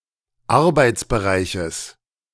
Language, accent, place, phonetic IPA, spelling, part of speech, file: German, Germany, Berlin, [ˈaʁbaɪ̯t͡sbəˌʁaɪ̯çəs], Arbeitsbereiches, noun, De-Arbeitsbereiches.ogg
- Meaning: genitive singular of Arbeitsbereich